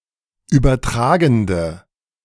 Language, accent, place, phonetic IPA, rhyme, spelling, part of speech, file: German, Germany, Berlin, [ˌyːbɐˈtʁaːɡn̩də], -aːɡn̩də, übertragende, adjective, De-übertragende.ogg
- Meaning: inflection of übertragend: 1. strong/mixed nominative/accusative feminine singular 2. strong nominative/accusative plural 3. weak nominative all-gender singular